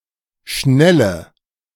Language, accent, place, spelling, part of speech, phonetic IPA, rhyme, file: German, Germany, Berlin, Schnelle, noun, [ˈʃnɛlə], -ɛlə, De-Schnelle.ogg
- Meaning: speed, velocity